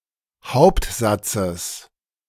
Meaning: genitive of Hauptsatz
- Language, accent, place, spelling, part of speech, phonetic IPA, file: German, Germany, Berlin, Hauptsatzes, noun, [ˈhaʊ̯ptˌzat͡səs], De-Hauptsatzes.ogg